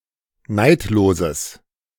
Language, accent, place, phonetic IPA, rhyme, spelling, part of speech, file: German, Germany, Berlin, [ˈnaɪ̯tloːzəs], -aɪ̯tloːzəs, neidloses, adjective, De-neidloses.ogg
- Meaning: strong/mixed nominative/accusative neuter singular of neidlos